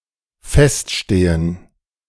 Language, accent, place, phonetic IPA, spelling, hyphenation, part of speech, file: German, Germany, Berlin, [ˈfɛstˌʃteːən], feststehen, fest‧ste‧hen, verb, De-feststehen.ogg
- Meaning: to stand firm